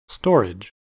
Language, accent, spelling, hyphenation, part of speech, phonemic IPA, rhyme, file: English, US, storage, stor‧age, noun / verb, /ˈstɔɹ.ɪd͡ʒ/, -ɔːɹɪdʒ, En-us-storage.ogg
- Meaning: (noun) 1. The act of storing goods; the state of being stored 2. An object or place in which something is stored